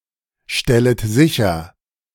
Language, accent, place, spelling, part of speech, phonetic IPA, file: German, Germany, Berlin, stellet sicher, verb, [ˌʃtɛlət ˈzɪçɐ], De-stellet sicher.ogg
- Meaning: second-person plural subjunctive I of sicherstellen